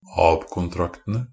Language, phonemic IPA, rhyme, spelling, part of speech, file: Norwegian Bokmål, /ɑːb.kʊnˈtraktənə/, -ənə, ab-kontraktene, noun, NB - Pronunciation of Norwegian Bokmål «ab-kontraktene».ogg
- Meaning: definite plural of ab-kontrakt